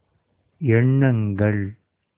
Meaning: plural of எண்ணம் (eṇṇam)
- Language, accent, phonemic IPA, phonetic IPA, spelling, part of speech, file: Tamil, India, /ɛɳːɐŋɡɐɭ/, [e̞ɳːɐŋɡɐɭ], எண்ணங்கள், noun, Ta-எண்ணங்கள்.ogg